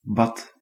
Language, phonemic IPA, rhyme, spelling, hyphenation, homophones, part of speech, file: Dutch, /bɑt/, -ɑt, bad, bad, Bath, noun / verb, Nl-bad.ogg
- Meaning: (noun) 1. bath (object) 2. the act or process of bathing 3. immersion; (verb) singular past indicative of bidden